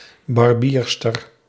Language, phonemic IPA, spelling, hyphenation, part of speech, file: Dutch, /ˌbɑrˈbiːr.stər/, barbierster, bar‧bier‧ster, noun, Nl-barbierster.ogg
- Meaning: a female barber